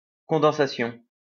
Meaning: condensation
- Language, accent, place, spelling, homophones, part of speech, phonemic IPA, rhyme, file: French, France, Lyon, condensation, condensations, noun, /kɔ̃.dɑ̃.sa.sjɔ̃/, -jɔ̃, LL-Q150 (fra)-condensation.wav